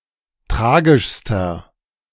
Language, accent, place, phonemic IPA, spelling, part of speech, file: German, Germany, Berlin, /ˈtʁaːɡɪʃstɐ/, tragischster, adjective, De-tragischster.ogg
- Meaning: inflection of tragisch: 1. strong/mixed nominative masculine singular superlative degree 2. strong genitive/dative feminine singular superlative degree 3. strong genitive plural superlative degree